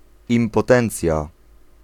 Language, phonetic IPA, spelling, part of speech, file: Polish, [ˌĩmpɔˈtɛ̃nt͡sʲja], impotencja, noun, Pl-impotencja.ogg